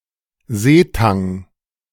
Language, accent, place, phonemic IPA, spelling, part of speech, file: German, Germany, Berlin, /ˈzeːˌtaŋ/, Seetang, noun, De-Seetang.ogg
- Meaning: 1. seaweed 2. kelp